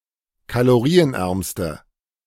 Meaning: inflection of kalorienarm: 1. strong/mixed nominative/accusative feminine singular superlative degree 2. strong nominative/accusative plural superlative degree
- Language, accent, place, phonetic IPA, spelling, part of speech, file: German, Germany, Berlin, [kaloˈʁiːənˌʔɛʁmstə], kalorienärmste, adjective, De-kalorienärmste.ogg